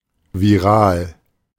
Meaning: viral
- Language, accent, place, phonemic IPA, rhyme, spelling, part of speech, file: German, Germany, Berlin, /viˈʁaːl/, -aːl, viral, adjective, De-viral.ogg